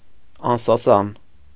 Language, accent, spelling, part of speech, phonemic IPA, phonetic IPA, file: Armenian, Eastern Armenian, անսասան, adjective, /ɑnsɑˈsɑn/, [ɑnsɑsɑ́n], Hy-անսասան.ogg
- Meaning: 1. unshakable, firm 2. strong, solid, indestructable 3. unperturbed, uninterrupted